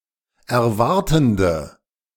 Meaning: inflection of erwartend: 1. strong/mixed nominative/accusative feminine singular 2. strong nominative/accusative plural 3. weak nominative all-gender singular
- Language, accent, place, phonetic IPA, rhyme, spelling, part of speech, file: German, Germany, Berlin, [ɛɐ̯ˈvaʁtn̩də], -aʁtn̩də, erwartende, adjective, De-erwartende.ogg